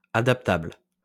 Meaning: adaptable (capable of adapting or being adapted)
- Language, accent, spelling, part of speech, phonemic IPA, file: French, France, adaptable, adjective, /a.dap.tabl/, LL-Q150 (fra)-adaptable.wav